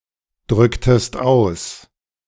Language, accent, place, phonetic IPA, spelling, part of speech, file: German, Germany, Berlin, [ˌdʁʏktəst ˈaʊ̯s], drücktest aus, verb, De-drücktest aus.ogg
- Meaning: inflection of ausdrücken: 1. second-person singular preterite 2. second-person singular subjunctive II